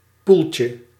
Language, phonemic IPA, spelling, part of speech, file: Dutch, /ˈpulcə/, poeltje, noun, Nl-poeltje.ogg
- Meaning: diminutive of poel